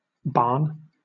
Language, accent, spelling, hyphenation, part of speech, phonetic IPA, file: English, Southern England, barn, barn, noun / verb, [ˈbɑːn], LL-Q1860 (eng)-barn.wav
- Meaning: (noun) 1. A building, often found on a farm, used for storage or keeping animals such as cattle 2. A unit of surface area equal to 10⁻²⁸ square metres 3. An arena